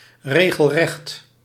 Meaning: 1. downright 2. completely straight, level 3. following a straight line
- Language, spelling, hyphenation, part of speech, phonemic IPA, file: Dutch, regelrecht, re‧gel‧recht, adjective, /ˌreː.ɣəlˈrɛxt/, Nl-regelrecht.ogg